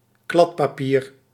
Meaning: scrap paper
- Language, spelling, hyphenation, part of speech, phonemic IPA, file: Dutch, kladpapier, klad‧pa‧pier, noun, /ˈklɑt.paːˌpiːr/, Nl-kladpapier.ogg